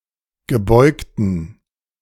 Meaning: inflection of gebeugt: 1. strong genitive masculine/neuter singular 2. weak/mixed genitive/dative all-gender singular 3. strong/weak/mixed accusative masculine singular 4. strong dative plural
- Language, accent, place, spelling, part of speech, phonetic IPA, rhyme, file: German, Germany, Berlin, gebeugten, adjective, [ɡəˈbɔɪ̯ktn̩], -ɔɪ̯ktn̩, De-gebeugten.ogg